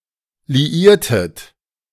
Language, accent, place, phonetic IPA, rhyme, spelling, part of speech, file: German, Germany, Berlin, [liˈiːɐ̯tət], -iːɐ̯tət, liiertet, verb, De-liiertet.ogg
- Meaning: inflection of liieren: 1. second-person plural preterite 2. second-person plural subjunctive II